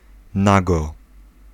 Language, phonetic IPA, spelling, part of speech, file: Polish, [ˈnaɡɔ], nago, adverb, Pl-nago.ogg